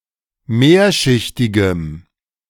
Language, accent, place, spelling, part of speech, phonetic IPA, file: German, Germany, Berlin, mehrschichtigem, adjective, [ˈmeːɐ̯ʃɪçtɪɡəm], De-mehrschichtigem.ogg
- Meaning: strong dative masculine/neuter singular of mehrschichtig